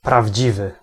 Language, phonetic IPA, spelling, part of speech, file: Polish, [pravʲˈd͡ʑivɨ], prawdziwy, adjective, Pl-prawdziwy.ogg